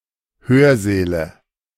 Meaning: nominative/accusative/genitive plural of Hörsaal
- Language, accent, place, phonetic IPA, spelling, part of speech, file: German, Germany, Berlin, [ˈhøːɐ̯ˌzɛːlə], Hörsäle, noun, De-Hörsäle.ogg